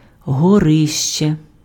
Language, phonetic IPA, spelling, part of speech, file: Ukrainian, [ɦɔˈrɪʃt͡ʃe], горище, noun, Uk-горище.ogg
- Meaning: attic